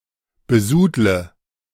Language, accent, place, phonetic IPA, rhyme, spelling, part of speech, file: German, Germany, Berlin, [bəˈzuːdlə], -uːdlə, besudle, verb, De-besudle.ogg
- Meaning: inflection of besudeln: 1. first-person singular present 2. first/third-person singular subjunctive I 3. singular imperative